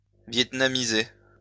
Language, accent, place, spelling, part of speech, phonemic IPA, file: French, France, Lyon, vietnamiser, verb, /vjɛt.na.mi.ze/, LL-Q150 (fra)-vietnamiser.wav
- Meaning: to Vietnamize (make (more) Vietnamese)